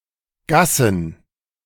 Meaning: plural of Gasse
- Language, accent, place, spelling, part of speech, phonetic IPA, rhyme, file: German, Germany, Berlin, Gassen, noun, [ˈɡasn̩], -asn̩, De-Gassen.ogg